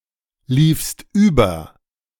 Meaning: second-person singular preterite of überlaufen
- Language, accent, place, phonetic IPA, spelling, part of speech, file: German, Germany, Berlin, [ˌliːfst ˈyːbɐ], liefst über, verb, De-liefst über.ogg